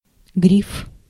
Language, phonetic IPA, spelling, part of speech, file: Russian, [ɡrʲif], гриф, noun, Ru-гриф.ogg
- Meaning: 1. vulture (bird) 2. griffin, gryphon 3. fingerboard, neck (the extension of any stringed instrument on which a fingerboard is mounted) 4. signature stamp